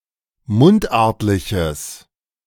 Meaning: strong/mixed nominative/accusative neuter singular of mundartlich
- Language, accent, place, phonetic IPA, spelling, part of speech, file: German, Germany, Berlin, [ˈmʊntˌʔaʁtlɪçəs], mundartliches, adjective, De-mundartliches.ogg